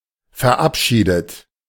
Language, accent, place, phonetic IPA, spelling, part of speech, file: German, Germany, Berlin, [fɛɐ̯ˈʔapˌʃiːdət], verabschiedet, verb, De-verabschiedet.ogg
- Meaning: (verb) past participle of verabschieden; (adjective) passed, adopted